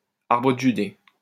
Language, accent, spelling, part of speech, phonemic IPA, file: French, France, arbre de Judée, noun, /aʁ.bʁə d(ə) ʒy.de/, LL-Q150 (fra)-arbre de Judée.wav
- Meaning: Judas tree